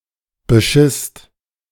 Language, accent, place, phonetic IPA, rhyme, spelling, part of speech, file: German, Germany, Berlin, [bəˈʃɪst], -ɪst, beschisst, verb, De-beschisst.ogg
- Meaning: second-person singular/plural preterite of bescheißen